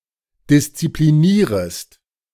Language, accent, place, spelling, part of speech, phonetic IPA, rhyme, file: German, Germany, Berlin, disziplinierest, verb, [dɪst͡sipliˈniːʁəst], -iːʁəst, De-disziplinierest.ogg
- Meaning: second-person singular subjunctive I of disziplinieren